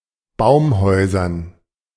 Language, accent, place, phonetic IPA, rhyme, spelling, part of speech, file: German, Germany, Berlin, [ˈbaʊ̯mˌhɔɪ̯zɐn], -aʊ̯mhɔɪ̯zɐn, Baumhäusern, noun, De-Baumhäusern.ogg
- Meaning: dative plural of Baumhaus